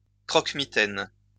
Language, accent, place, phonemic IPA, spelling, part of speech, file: French, France, Lyon, /kʁɔk.mi.tɛn/, croque-mitaine, noun, LL-Q150 (fra)-croque-mitaine.wav
- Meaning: bogeyman (menacing, ghost-like monster in children's stories)